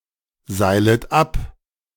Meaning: second-person plural subjunctive I of abseilen
- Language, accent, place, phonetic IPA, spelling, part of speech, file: German, Germany, Berlin, [ˌzaɪ̯lət ˈap], seilet ab, verb, De-seilet ab.ogg